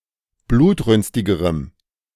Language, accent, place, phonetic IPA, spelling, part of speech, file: German, Germany, Berlin, [ˈbluːtˌʁʏnstɪɡəʁəm], blutrünstigerem, adjective, De-blutrünstigerem.ogg
- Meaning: strong dative masculine/neuter singular comparative degree of blutrünstig